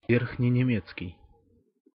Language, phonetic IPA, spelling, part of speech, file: Russian, [ˌvʲerxnʲɪnʲɪˈmʲet͡skʲɪj], верхненемецкий, adjective, Ru-верхненемецкий.ogg
- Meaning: High German